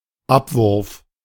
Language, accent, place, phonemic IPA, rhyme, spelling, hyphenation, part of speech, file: German, Germany, Berlin, /ˈapvʊʁf/, -ʊʁf, Abwurf, Ab‧wurf, noun, De-Abwurf.ogg
- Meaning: airdrop (act of dropping anything from an aircraft)